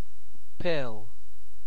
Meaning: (noun) A small, usually round or cylindrical object designed for easy swallowing, usually containing some sort of medication
- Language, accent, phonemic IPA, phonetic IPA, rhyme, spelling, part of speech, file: English, UK, /pɪl/, [pʰɪɫ], -ɪl, pill, noun / verb, En-uk-pill.ogg